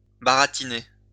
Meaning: 1. to chat up, sweet-talk (engage in small talk in order to seduce or convince) 2. to bullshit
- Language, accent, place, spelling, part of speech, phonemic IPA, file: French, France, Lyon, baratiner, verb, /ba.ʁa.ti.ne/, LL-Q150 (fra)-baratiner.wav